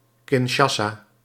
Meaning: Kinshasa (the capital city of the Democratic Republic of the Congo)
- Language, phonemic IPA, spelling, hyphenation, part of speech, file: Dutch, /kɪnˈʃaː.saː/, Kinshasa, Kin‧sha‧sa, proper noun, Nl-Kinshasa.ogg